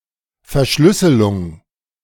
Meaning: 1. encryption, encoding 2. cipher
- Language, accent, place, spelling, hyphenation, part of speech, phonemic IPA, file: German, Germany, Berlin, Verschlüsselung, Ver‧schlüs‧se‧lung, noun, /fɛɐ̯ˈʃlʏsəlʊŋ/, De-Verschlüsselung.ogg